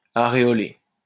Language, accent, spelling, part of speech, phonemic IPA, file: French, France, aréolé, adjective, /a.ʁe.ɔ.le/, LL-Q150 (fra)-aréolé.wav
- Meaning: areolate